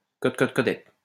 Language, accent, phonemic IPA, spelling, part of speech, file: French, France, /kɔt kɔt kɔ.dɛt/, cot cot codet, interjection, LL-Q150 (fra)-cot cot codet.wav
- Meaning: cackle (the cry of a hen, especially one that has laid an egg)